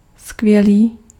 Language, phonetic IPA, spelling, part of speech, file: Czech, [ˈskvjɛliː], skvělý, adjective, Cs-skvělý.ogg
- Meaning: great (very good)